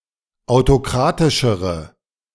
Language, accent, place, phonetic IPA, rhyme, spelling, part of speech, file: German, Germany, Berlin, [aʊ̯toˈkʁaːtɪʃəʁə], -aːtɪʃəʁə, autokratischere, adjective, De-autokratischere.ogg
- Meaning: inflection of autokratisch: 1. strong/mixed nominative/accusative feminine singular comparative degree 2. strong nominative/accusative plural comparative degree